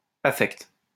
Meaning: affect; emotion
- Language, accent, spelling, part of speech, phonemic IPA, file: French, France, affect, noun, /a.fɛkt/, LL-Q150 (fra)-affect.wav